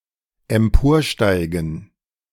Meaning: 1. to climb 2. to rise
- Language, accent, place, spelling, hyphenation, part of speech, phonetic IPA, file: German, Germany, Berlin, emporsteigen, em‧por‧stei‧gen, verb, [ɛmˈpoːɐ̯ˌʃtaɪ̯ɡn̩], De-emporsteigen.ogg